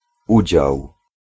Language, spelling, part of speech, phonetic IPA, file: Polish, udział, noun, [ˈud͡ʑaw], Pl-udział.ogg